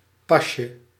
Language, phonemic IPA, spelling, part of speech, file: Dutch, /ˈpɑʃə/, pasje, noun, Nl-pasje.ogg
- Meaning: diminutive of pas